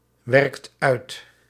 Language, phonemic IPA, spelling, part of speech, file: Dutch, /ˈwɛrᵊkt ˈœyt/, werkt uit, verb, Nl-werkt uit.ogg
- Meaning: inflection of uitwerken: 1. second/third-person singular present indicative 2. plural imperative